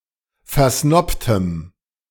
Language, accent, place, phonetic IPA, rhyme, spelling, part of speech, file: German, Germany, Berlin, [fɛɐ̯ˈsnɔptəm], -ɔptəm, versnobtem, adjective, De-versnobtem.ogg
- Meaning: strong dative masculine/neuter singular of versnobt